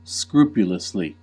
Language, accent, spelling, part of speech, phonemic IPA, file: English, US, scrupulously, adverb, /ˈskɹuːpjʊləsli/, En-us-scrupulously.ogg
- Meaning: In a careful manner, with scruple; done with careful attention to detail